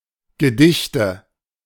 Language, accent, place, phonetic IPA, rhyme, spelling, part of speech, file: German, Germany, Berlin, [ɡəˈdɪçtə], -ɪçtə, Gedichte, noun, De-Gedichte.ogg
- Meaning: nominative/accusative/genitive plural of Gedicht